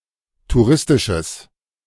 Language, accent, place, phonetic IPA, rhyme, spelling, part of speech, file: German, Germany, Berlin, [tuˈʁɪstɪʃəs], -ɪstɪʃəs, touristisches, adjective, De-touristisches.ogg
- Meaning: strong/mixed nominative/accusative neuter singular of touristisch